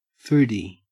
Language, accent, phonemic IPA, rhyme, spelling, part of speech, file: English, Australia, /ˈfuːdi/, -uːdi, foodie, noun, En-au-foodie.ogg
- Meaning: A person with a special interest in or knowledge of food, a gourmet